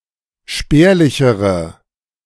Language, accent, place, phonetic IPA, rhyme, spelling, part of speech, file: German, Germany, Berlin, [ˈʃpɛːɐ̯lɪçəʁə], -ɛːɐ̯lɪçəʁə, spärlichere, adjective, De-spärlichere.ogg
- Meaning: inflection of spärlich: 1. strong/mixed nominative/accusative feminine singular comparative degree 2. strong nominative/accusative plural comparative degree